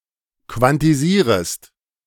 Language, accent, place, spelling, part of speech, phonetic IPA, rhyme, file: German, Germany, Berlin, quantisierest, verb, [kvantiˈziːʁəst], -iːʁəst, De-quantisierest.ogg
- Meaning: second-person singular subjunctive I of quantisieren